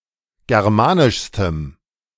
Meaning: strong dative masculine/neuter singular superlative degree of germanisch
- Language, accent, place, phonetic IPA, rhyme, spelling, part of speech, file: German, Germany, Berlin, [ˌɡɛʁˈmaːnɪʃstəm], -aːnɪʃstəm, germanischstem, adjective, De-germanischstem.ogg